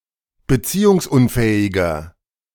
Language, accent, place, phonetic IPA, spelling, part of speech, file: German, Germany, Berlin, [bəˈt͡siːʊŋsˌʔʊnfɛːɪɡɐ], beziehungsunfähiger, adjective, De-beziehungsunfähiger.ogg
- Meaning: inflection of beziehungsunfähig: 1. strong/mixed nominative masculine singular 2. strong genitive/dative feminine singular 3. strong genitive plural